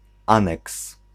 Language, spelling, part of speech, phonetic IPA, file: Polish, aneks, noun, [ˈãnɛks], Pl-aneks.ogg